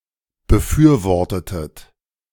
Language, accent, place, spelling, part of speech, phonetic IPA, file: German, Germany, Berlin, befürwortetet, verb, [bəˈfyːɐ̯ˌvɔʁtətət], De-befürwortetet.ogg
- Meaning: inflection of befürworten: 1. second-person plural preterite 2. second-person plural subjunctive II